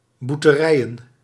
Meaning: plural of boerterij
- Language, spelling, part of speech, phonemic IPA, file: Dutch, boerterijen, noun, /ˌburtəˈrɛijə(n)/, Nl-boerterijen.ogg